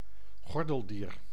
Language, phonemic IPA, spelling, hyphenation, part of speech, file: Dutch, /ˈɣɔrdəlˌdiːr/, gordeldier, gor‧del‧dier, noun, Nl-gordeldier.ogg
- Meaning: armadillo